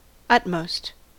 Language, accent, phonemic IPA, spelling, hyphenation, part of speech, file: English, General American, /ˈʌtmoʊ̯st/, utmost, ut‧most, adjective / noun, En-us-utmost.ogg
- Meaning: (adjective) 1. superlative form of utter: most utter; situated at the most distant limit; farthest, outermost 2. The most extreme; greatest, ultimate